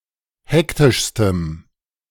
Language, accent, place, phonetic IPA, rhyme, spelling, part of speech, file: German, Germany, Berlin, [ˈhɛktɪʃstəm], -ɛktɪʃstəm, hektischstem, adjective, De-hektischstem.ogg
- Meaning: strong dative masculine/neuter singular superlative degree of hektisch